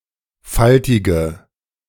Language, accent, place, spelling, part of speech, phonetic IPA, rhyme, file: German, Germany, Berlin, faltige, adjective, [ˈfaltɪɡə], -altɪɡə, De-faltige.ogg
- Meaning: inflection of faltig: 1. strong/mixed nominative/accusative feminine singular 2. strong nominative/accusative plural 3. weak nominative all-gender singular 4. weak accusative feminine/neuter singular